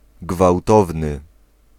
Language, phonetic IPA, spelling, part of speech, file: Polish, [ɡvawˈtɔvnɨ], gwałtowny, adjective, Pl-gwałtowny.ogg